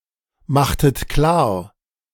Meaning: inflection of klarmachen: 1. second-person plural preterite 2. second-person plural subjunctive II
- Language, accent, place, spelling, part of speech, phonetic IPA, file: German, Germany, Berlin, machtet klar, verb, [ˌmaxtət ˈklaːɐ̯], De-machtet klar.ogg